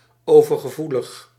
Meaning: 1. oversensitive 2. allergic
- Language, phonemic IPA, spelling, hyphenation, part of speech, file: Dutch, /ˌovərɣəˈvuləx/, overgevoelig, over‧ge‧voe‧lig, adjective, Nl-overgevoelig.ogg